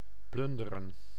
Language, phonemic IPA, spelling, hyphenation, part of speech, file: Dutch, /ˈplʏn.də.rə(n)/, plunderen, plun‧de‧ren, verb, Nl-plunderen.ogg
- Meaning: 1. to plunder, to pillage, to ransack 2. to empty, to completely withdraw